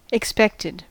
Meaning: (adjective) Anticipated; thought to be about to arrive or occur; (verb) simple past and past participle of expect
- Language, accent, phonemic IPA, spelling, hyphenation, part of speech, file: English, US, /ɪkˈspɛk.tɪd/, expected, ex‧pect‧ed, adjective / verb, En-us-expected.ogg